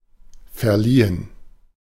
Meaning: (verb) past participle of verleihen; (adjective) 1. conferred, imparted 2. distributed
- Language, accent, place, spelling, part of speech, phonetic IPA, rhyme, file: German, Germany, Berlin, verliehen, verb, [fɛɐ̯ˈliːən], -iːən, De-verliehen.ogg